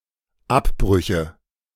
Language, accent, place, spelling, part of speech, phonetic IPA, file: German, Germany, Berlin, Abbrüche, noun, [ˈapˌbʁʏçə], De-Abbrüche.ogg
- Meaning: nominative/accusative/genitive plural of Abbruch